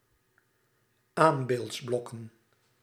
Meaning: plural of aanbeeldsblok
- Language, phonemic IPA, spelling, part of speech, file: Dutch, /ˈambeltsˌblɔkə(n)/, aanbeeldsblokken, noun, Nl-aanbeeldsblokken.ogg